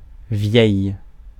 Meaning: form of vieux used before a masculine singular noun that starts with a vowel or mute h
- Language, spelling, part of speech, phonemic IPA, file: French, vieil, adjective, /vjɛj‿/, Fr-vieil.ogg